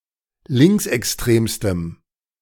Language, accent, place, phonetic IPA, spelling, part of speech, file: German, Germany, Berlin, [ˈlɪŋksʔɛksˌtʁeːmstəm], linksextremstem, adjective, De-linksextremstem.ogg
- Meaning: strong dative masculine/neuter singular superlative degree of linksextrem